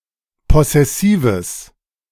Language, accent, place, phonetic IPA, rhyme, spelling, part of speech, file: German, Germany, Berlin, [ˌpɔsɛˈsiːvəs], -iːvəs, possessives, adjective, De-possessives.ogg
- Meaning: strong/mixed nominative/accusative neuter singular of possessiv